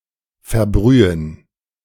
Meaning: to scald
- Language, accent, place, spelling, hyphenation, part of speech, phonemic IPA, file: German, Germany, Berlin, verbrühen, ver‧brü‧hen, verb, /fɛɐ̯ˈbʁyːən/, De-verbrühen.ogg